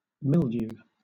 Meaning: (noun) A growth of minute powdery or webby fungi, whitish or of different colors, found on various diseased or decaying substances; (verb) 1. To taint with mildew 2. To become tainted with mildew
- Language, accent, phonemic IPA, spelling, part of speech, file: English, Southern England, /ˈmɪl.djuː/, mildew, noun / verb, LL-Q1860 (eng)-mildew.wav